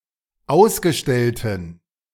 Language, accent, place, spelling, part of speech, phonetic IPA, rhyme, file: German, Germany, Berlin, ausgestellten, adjective, [ˈaʊ̯sɡəˌʃtɛltn̩], -aʊ̯sɡəʃtɛltn̩, De-ausgestellten.ogg
- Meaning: inflection of ausgestellt: 1. strong genitive masculine/neuter singular 2. weak/mixed genitive/dative all-gender singular 3. strong/weak/mixed accusative masculine singular 4. strong dative plural